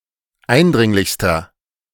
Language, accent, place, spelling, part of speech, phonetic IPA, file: German, Germany, Berlin, eindringlichster, adjective, [ˈaɪ̯nˌdʁɪŋlɪçstɐ], De-eindringlichster.ogg
- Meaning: inflection of eindringlich: 1. strong/mixed nominative masculine singular superlative degree 2. strong genitive/dative feminine singular superlative degree 3. strong genitive plural superlative degree